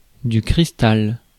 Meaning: crystal
- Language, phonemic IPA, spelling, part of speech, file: French, /kʁis.tal/, cristal, noun, Fr-cristal.ogg